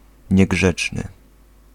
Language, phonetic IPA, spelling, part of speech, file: Polish, [ɲɛˈɡʒɛt͡ʃnɨ], niegrzeczny, adjective, Pl-niegrzeczny.ogg